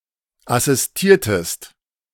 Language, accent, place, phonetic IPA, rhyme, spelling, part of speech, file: German, Germany, Berlin, [asɪsˈtiːɐ̯təst], -iːɐ̯təst, assistiertest, verb, De-assistiertest.ogg
- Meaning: inflection of assistieren: 1. second-person singular preterite 2. second-person singular subjunctive II